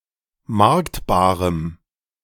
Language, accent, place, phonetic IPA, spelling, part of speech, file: German, Germany, Berlin, [ˈmaʁktbaːʁəm], marktbarem, adjective, De-marktbarem.ogg
- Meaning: strong dative masculine/neuter singular of marktbar